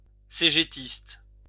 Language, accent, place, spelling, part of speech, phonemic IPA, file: French, France, Lyon, cégétiste, adjective / noun, /se.ʒe.tist/, LL-Q150 (fra)-cégétiste.wav
- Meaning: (adjective) CGT; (noun) supporter of the CGT